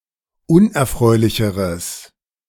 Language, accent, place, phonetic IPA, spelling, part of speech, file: German, Germany, Berlin, [ˈʊnʔɛɐ̯ˌfʁɔɪ̯lɪçəʁəs], unerfreulicheres, adjective, De-unerfreulicheres.ogg
- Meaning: strong/mixed nominative/accusative neuter singular comparative degree of unerfreulich